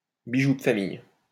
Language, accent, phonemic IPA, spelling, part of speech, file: French, France, /bi.ʒu d(ə) fa.mij/, bijoux de famille, noun, LL-Q150 (fra)-bijoux de famille.wav
- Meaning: family jewels, crown jewels